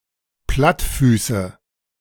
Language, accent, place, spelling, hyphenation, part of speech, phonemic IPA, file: German, Germany, Berlin, Plattfüße, Platt‧fü‧ße, noun, /ˈplatfyːsə/, De-Plattfüße.ogg
- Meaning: nominative/accusative/genitive plural of Plattfuß